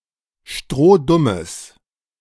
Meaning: strong/mixed nominative/accusative neuter singular of strohdumm
- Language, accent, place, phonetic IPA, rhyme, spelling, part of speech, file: German, Germany, Berlin, [ˈʃtʁoːˈdʊməs], -ʊməs, strohdummes, adjective, De-strohdummes.ogg